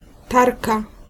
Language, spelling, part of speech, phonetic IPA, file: Polish, tarka, noun, [ˈtarka], Pl-tarka.ogg